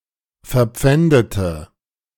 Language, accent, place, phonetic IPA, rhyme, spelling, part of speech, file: German, Germany, Berlin, [fɛɐ̯ˈp͡fɛndətə], -ɛndətə, verpfändete, adjective / verb, De-verpfändete.ogg
- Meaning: inflection of verpfänden: 1. first/third-person singular preterite 2. first/third-person singular subjunctive II